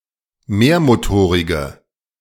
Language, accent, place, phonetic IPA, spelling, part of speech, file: German, Germany, Berlin, [ˈmeːɐ̯moˌtoːʁɪɡə], mehrmotorige, adjective, De-mehrmotorige.ogg
- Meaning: inflection of mehrmotorig: 1. strong/mixed nominative/accusative feminine singular 2. strong nominative/accusative plural 3. weak nominative all-gender singular